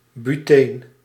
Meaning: butene
- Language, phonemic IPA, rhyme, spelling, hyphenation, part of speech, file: Dutch, /byˈteːn/, -eːn, buteen, bu‧teen, noun, Nl-buteen.ogg